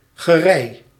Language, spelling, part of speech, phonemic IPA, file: Dutch, gerei, noun, /ɣəˈrɛi̯/, Nl-gerei.ogg
- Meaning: equipment, tools, utensils